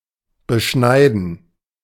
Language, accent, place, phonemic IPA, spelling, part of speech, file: German, Germany, Berlin, /bəˈʃnaɪ̯dən/, beschneiden, verb, De-beschneiden.ogg
- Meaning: 1. to circumcise 2. to trim; to prune